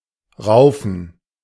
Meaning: 1. to brawl, to scuffle, to fight 2. to horseplay 3. to pluck
- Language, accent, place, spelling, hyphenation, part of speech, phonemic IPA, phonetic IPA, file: German, Germany, Berlin, raufen, rau‧fen, verb, /ˈʁaʊ̯fən/, [ˈʁaʊ̯fn̩], De-raufen.ogg